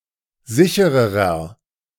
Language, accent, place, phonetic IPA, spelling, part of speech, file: German, Germany, Berlin, [ˈzɪçəʁəʁɐ], sichererer, adjective, De-sichererer.ogg
- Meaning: inflection of sicher: 1. strong/mixed nominative masculine singular comparative degree 2. strong genitive/dative feminine singular comparative degree 3. strong genitive plural comparative degree